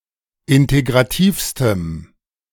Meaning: strong dative masculine/neuter singular superlative degree of integrativ
- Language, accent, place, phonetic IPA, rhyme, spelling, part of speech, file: German, Germany, Berlin, [ˌɪnteɡʁaˈtiːfstəm], -iːfstəm, integrativstem, adjective, De-integrativstem.ogg